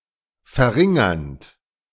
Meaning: present participle of verringern
- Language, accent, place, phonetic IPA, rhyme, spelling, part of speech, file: German, Germany, Berlin, [fɛɐ̯ˈʁɪŋɐnt], -ɪŋɐnt, verringernd, verb, De-verringernd.ogg